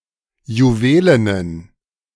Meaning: inflection of juwelen: 1. strong genitive masculine/neuter singular 2. weak/mixed genitive/dative all-gender singular 3. strong/weak/mixed accusative masculine singular 4. strong dative plural
- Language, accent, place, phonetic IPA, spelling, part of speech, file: German, Germany, Berlin, [juˈveːlənən], juwelenen, adjective, De-juwelenen.ogg